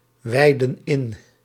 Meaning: inflection of inwijden: 1. plural present indicative 2. plural present subjunctive
- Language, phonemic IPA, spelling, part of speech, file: Dutch, /ˈwɛidə(n) ˈɪn/, wijden in, verb, Nl-wijden in.ogg